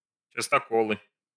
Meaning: nominative/accusative plural of частоко́л (častokól)
- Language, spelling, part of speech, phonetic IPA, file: Russian, частоколы, noun, [t͡ɕɪstɐˈkoɫɨ], Ru-частоколы.ogg